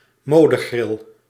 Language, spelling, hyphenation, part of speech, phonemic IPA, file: Dutch, modegril, mo‧de‧gril, noun, /ˈmoː.dəˌɣrɪl/, Nl-modegril.ogg
- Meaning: a freak of fashion, something intrinsically weird that lasts only the season when fashion dictates it